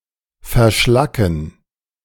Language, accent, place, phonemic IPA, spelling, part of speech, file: German, Germany, Berlin, /fɛʁˈʃlakŋ̍/, verschlacken, verb, De-verschlacken.ogg
- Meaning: to slag (make slag)